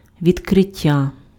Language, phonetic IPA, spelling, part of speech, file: Ukrainian, [ʋʲidkreˈtʲːa], відкриття, noun, Uk-відкриття.ogg
- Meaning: 1. verbal noun of відкри́ти (vidkrýty) 2. opening 3. revelation, disclosure 4. discovery